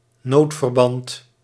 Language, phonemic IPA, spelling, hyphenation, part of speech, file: Dutch, /ˈnoːt.vərˌbɑnt/, noodverband, nood‧ver‧band, noun, Nl-noodverband.ogg
- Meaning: an emergency bandage